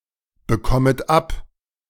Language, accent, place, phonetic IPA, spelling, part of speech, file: German, Germany, Berlin, [bəˌkɔmət ˈap], bekommet ab, verb, De-bekommet ab.ogg
- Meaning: second-person plural subjunctive I of abbekommen